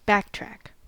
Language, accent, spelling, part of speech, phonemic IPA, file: English, US, backtrack, noun / verb, /ˈbæk.tɹæk/, En-us-backtrack.ogg
- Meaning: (noun) The act of backtracking; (verb) 1. To retrace one's steps 2. To repeat or review work already done 3. To taxi down an active runway in the opposite direction to that being used for takeoff